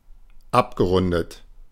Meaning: past participle of abrunden
- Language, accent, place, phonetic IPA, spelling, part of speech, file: German, Germany, Berlin, [ˈapɡəˌʁʊndət], abgerundet, verb, De-abgerundet.ogg